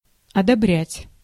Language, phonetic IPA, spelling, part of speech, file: Russian, [ɐdɐˈbrʲætʲ], одобрять, verb, Ru-одобрять.ogg
- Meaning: to approbate, to approve, to pass, to sanction, to authorize